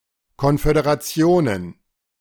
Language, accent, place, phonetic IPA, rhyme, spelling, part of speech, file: German, Germany, Berlin, [ˌkɔnfødeʁaˈt͡si̯oːnən], -oːnən, Konföderationen, noun, De-Konföderationen.ogg
- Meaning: plural of Konföderation